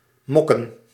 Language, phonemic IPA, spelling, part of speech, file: Dutch, /ˈmɔkə(n)/, mokken, verb / noun, Nl-mokken.ogg
- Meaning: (verb) 1. to sulk 2. to dook (ferret sound); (noun) plural of mok